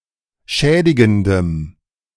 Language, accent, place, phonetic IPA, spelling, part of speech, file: German, Germany, Berlin, [ˈʃɛːdɪɡn̩dəm], schädigendem, adjective, De-schädigendem.ogg
- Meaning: strong dative masculine/neuter singular of schädigend